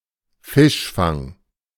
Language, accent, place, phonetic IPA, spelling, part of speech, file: German, Germany, Berlin, [ˈfɪʃˌfaŋ], Fischfang, noun, De-Fischfang.ogg
- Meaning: fishing